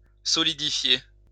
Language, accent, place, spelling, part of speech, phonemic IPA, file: French, France, Lyon, solidifier, verb, /sɔ.li.di.fje/, LL-Q150 (fra)-solidifier.wav
- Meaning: to solidify